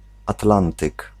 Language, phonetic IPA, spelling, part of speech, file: Polish, [aˈtlãntɨk], Atlantyk, proper noun, Pl-Atlantyk.ogg